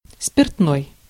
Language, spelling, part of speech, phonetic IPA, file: Russian, спиртной, adjective, [spʲɪrtˈnoj], Ru-спиртной.ogg
- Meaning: alcoholic, spirituous